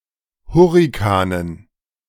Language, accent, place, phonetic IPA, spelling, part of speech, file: German, Germany, Berlin, [ˈhʊʁɪkanən], Hurrikanen, noun, De-Hurrikanen.ogg
- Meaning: dative plural of Hurrikan